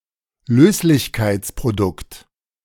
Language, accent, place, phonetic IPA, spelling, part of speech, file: German, Germany, Berlin, [ˈløːslɪçkaɪ̯t͡spʁoˌdʊkt], Löslichkeitsprodukt, noun, De-Löslichkeitsprodukt.ogg
- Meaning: solubility product